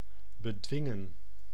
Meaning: to restrain
- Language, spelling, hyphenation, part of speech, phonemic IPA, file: Dutch, bedwingen, be‧dwin‧gen, verb, /bəˈdʋɪŋə(n)/, Nl-bedwingen.ogg